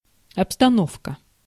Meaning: 1. furniture, decor 2. scenery, set, decor 3. situation, conditions, environment, set-up 4. atmosphere, setting
- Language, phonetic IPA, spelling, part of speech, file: Russian, [ɐpstɐˈnofkə], обстановка, noun, Ru-обстановка.ogg